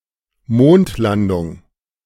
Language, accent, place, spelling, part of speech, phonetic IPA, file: German, Germany, Berlin, Mondlandung, noun, [ˈmoːntˌlandʊŋ], De-Mondlandung.ogg
- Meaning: moon landing, lunar landing